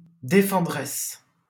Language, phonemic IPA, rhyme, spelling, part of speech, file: French, /de.fɑ̃.dʁɛs/, -ɛs, défenderesse, noun, LL-Q150 (fra)-défenderesse.wav
- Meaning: female equivalent of défendeur